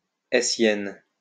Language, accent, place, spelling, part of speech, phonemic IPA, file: French, France, Lyon, hessienne, adjective, /e.sjɛn/, LL-Q150 (fra)-hessienne.wav
- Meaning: feminine singular of hessien